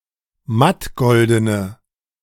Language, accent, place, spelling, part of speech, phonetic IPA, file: German, Germany, Berlin, mattgoldene, adjective, [ˈmatˌɡɔldənə], De-mattgoldene.ogg
- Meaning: inflection of mattgolden: 1. strong/mixed nominative/accusative feminine singular 2. strong nominative/accusative plural 3. weak nominative all-gender singular